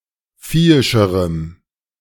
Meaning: strong dative masculine/neuter singular comparative degree of viehisch
- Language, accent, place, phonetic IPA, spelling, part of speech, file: German, Germany, Berlin, [ˈfiːɪʃəʁəm], viehischerem, adjective, De-viehischerem.ogg